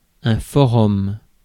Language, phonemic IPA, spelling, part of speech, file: French, /fɔ.ʁɔm/, forum, noun, Fr-forum.ogg
- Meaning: 1. forum 2. Internet forum